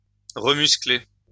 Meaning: 1. to make muscular again 2. to become muscular again
- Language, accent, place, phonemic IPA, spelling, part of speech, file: French, France, Lyon, /ʁə.mys.kle/, remuscler, verb, LL-Q150 (fra)-remuscler.wav